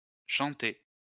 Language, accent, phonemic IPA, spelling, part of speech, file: French, France, /ʃɑ̃.tɛ/, chantaient, verb, LL-Q150 (fra)-chantaient.wav
- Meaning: third-person plural imperfect indicative of chanter